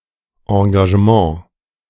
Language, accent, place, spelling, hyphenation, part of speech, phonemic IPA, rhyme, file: German, Germany, Berlin, Engagement, En‧ga‧ge‧ment, noun, /ãɡaʒ(ə)ˈmãː/, -ãː, De-Engagement.ogg
- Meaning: 1. commitment, dedication 2. booking (of an artist etc.) 3. engagement